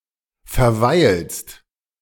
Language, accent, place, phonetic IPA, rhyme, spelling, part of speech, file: German, Germany, Berlin, [fɛɐ̯ˈvaɪ̯lst], -aɪ̯lst, verweilst, verb, De-verweilst.ogg
- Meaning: second-person singular present of verweilen